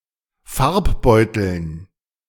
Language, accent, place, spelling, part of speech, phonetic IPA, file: German, Germany, Berlin, Farbbeuteln, noun, [ˈfaʁpˌbɔɪ̯tl̩n], De-Farbbeuteln.ogg
- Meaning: dative plural of Farbbeutel